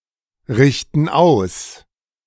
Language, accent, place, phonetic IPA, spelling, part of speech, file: German, Germany, Berlin, [ˌʁɪçtn̩ ˈaʊ̯s], richten aus, verb, De-richten aus.ogg
- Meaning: inflection of ausrichten: 1. first/third-person plural present 2. first/third-person plural subjunctive I